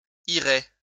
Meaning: third-person plural conditional of aller
- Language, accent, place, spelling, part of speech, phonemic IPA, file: French, France, Lyon, iraient, verb, /i.ʁɛ/, LL-Q150 (fra)-iraient.wav